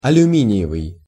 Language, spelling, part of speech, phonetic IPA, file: Russian, алюминиевый, adjective, [ɐlʲʉˈmʲinʲɪ(j)ɪvɨj], Ru-алюминиевый.ogg
- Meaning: aluminium/aluminum (metal)